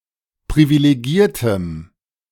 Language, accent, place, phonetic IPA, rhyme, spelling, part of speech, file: German, Germany, Berlin, [pʁivileˈɡiːɐ̯təm], -iːɐ̯təm, privilegiertem, adjective, De-privilegiertem.ogg
- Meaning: strong dative masculine/neuter singular of privilegiert